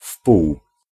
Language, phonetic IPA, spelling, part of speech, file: Polish, [fpuw], wpół, adverb, Pl-wpół.ogg